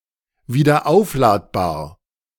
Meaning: rechargeable
- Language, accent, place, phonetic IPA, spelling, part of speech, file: German, Germany, Berlin, [viːdɐˈʔaʊ̯flaːtbaːɐ̯], wiederaufladbar, adjective, De-wiederaufladbar.ogg